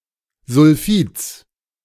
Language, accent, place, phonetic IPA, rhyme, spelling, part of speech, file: German, Germany, Berlin, [zʊlˈfiːt͡s], -iːt͡s, Sulfids, noun, De-Sulfids.ogg
- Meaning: genitive singular of Sulfid